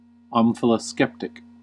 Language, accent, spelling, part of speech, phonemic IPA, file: English, US, omphaloskeptic, noun / adjective, /ˌɑːm.fəl.əˈskɛp.tɪk/, En-us-omphaloskeptic.ogg
- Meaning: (noun) One who contemplates or meditates upon one's navel; one who engages in omphaloscopy; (adjective) Likely to, prone to, or engaged in contemplating or meditating upon one's navel